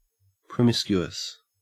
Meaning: 1. Made up of various disparate elements mixed together; of disorderly composition 2. Made without careful choice; indiscriminate
- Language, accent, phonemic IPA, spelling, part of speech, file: English, Australia, /pɹəˈmɪs.kju.əs/, promiscuous, adjective, En-au-promiscuous.ogg